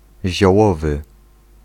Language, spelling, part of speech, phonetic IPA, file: Polish, ziołowy, adjective, [ʑɔˈwɔvɨ], Pl-ziołowy.ogg